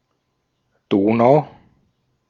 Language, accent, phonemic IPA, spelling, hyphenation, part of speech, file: German, Austria, /ˈdoːnaʊ̯/, Donau, Do‧nau, proper noun, De-at-Donau.ogg